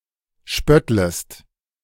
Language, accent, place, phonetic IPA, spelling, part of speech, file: German, Germany, Berlin, [ˈʃpœtləst], spöttlest, verb, De-spöttlest.ogg
- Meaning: second-person singular subjunctive I of spötteln